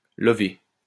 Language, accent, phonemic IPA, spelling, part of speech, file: French, France, /lɔ.ve/, lover, verb, LL-Q150 (fra)-lover.wav
- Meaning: 1. to coil (a rope or cord), to fake a line 2. to coil up, wind up; to curl up 3. to snuggle up to, to snuggle up against